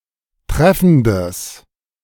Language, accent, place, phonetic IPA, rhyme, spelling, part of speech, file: German, Germany, Berlin, [ˈtʁɛfn̩dəs], -ɛfn̩dəs, treffendes, adjective, De-treffendes.ogg
- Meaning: strong/mixed nominative/accusative neuter singular of treffend